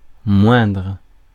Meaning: 1. comparative degree of petit; lower; less; lesser 2. superlative degree of petit; the smallest, the slightest, the least
- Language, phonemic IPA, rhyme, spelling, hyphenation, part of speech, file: French, /mwɛ̃dʁ/, -wɛ̃dʁ, moindre, moindre, adjective, Fr-moindre.ogg